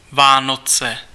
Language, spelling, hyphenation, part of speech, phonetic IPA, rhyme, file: Czech, Vánoce, Vá‧no‧ce, proper noun, [ˈvaːnot͡sɛ], -otsɛ, Cs-Vánoce.ogg
- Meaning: Christmas